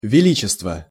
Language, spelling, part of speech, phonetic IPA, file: Russian, величество, noun, [vʲɪˈlʲit͡ɕɪstvə], Ru-величество.ogg
- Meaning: majesty (the quality of being impressive and great)